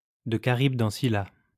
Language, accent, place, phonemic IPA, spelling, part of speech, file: French, France, Lyon, /də ka.ʁib.d‿ɑ̃ si.la/, de Charybde en Scylla, prepositional phrase, LL-Q150 (fra)-de Charybde en Scylla.wav
- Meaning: between Scylla and Charybdis; between a rock and a hard place; out of the frying pan, into the fire